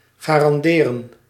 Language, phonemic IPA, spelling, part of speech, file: Dutch, /ɣaːrɑnˈdeːrə(n)/, garanderen, verb, Nl-garanderen.ogg
- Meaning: to guarantee